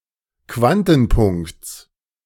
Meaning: genitive singular of Quantenpunkt
- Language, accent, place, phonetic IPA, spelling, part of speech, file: German, Germany, Berlin, [ˈkvantn̩ˌpʊŋkt͡s], Quantenpunkts, noun, De-Quantenpunkts.ogg